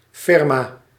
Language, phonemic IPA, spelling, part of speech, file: Dutch, /ˈfɪrma/, firma, noun, Nl-firma.ogg
- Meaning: a large-scale company, a firm